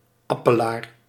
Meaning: apple tree
- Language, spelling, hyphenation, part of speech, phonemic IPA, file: Dutch, appelaar, ap‧pe‧laar, noun, /ˈɑ.pəˌlaːr/, Nl-appelaar.ogg